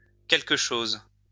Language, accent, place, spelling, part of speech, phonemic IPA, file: French, France, Lyon, qqch, pronoun, /kɛl.k(ə) ʃoz/, LL-Q150 (fra)-qqch.wav
- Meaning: abbreviation of quelque chose (“sth; something”)